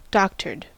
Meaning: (adjective) 1. Altered; falsified; skewed; manipulated 2. Repaired; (verb) past participle of doctor
- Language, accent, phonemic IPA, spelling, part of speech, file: English, US, /ˈdɒktə(ɹ)d/, doctored, adjective / verb, En-us-doctored.ogg